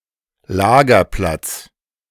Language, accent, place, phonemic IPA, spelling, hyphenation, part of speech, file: German, Germany, Berlin, /ˈlaːɡɐˌplat͡s/, Lagerplatz, La‧ger‧platz, noun, De-Lagerplatz.ogg
- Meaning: 1. storage place, storage location, storage site, stockyard 2. campsite, encampment